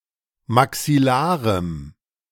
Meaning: strong dative masculine/neuter singular of maxillar
- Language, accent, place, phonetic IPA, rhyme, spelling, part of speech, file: German, Germany, Berlin, [maksɪˈlaːʁəm], -aːʁəm, maxillarem, adjective, De-maxillarem.ogg